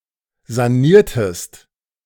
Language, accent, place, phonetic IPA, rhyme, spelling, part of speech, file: German, Germany, Berlin, [zaˈniːɐ̯təst], -iːɐ̯təst, saniertest, verb, De-saniertest.ogg
- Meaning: inflection of sanieren: 1. second-person singular preterite 2. second-person singular subjunctive II